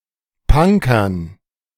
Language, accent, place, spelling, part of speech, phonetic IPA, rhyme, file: German, Germany, Berlin, Punkern, noun, [ˈpaŋkɐn], -aŋkɐn, De-Punkern.ogg
- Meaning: dative plural of Punker